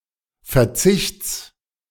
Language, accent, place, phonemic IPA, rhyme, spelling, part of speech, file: German, Germany, Berlin, /fɛɐ̯ˈt͡sɪçt͡s/, -ɪçt͡s, Verzichts, noun, De-Verzichts.ogg
- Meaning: genitive singular of Verzicht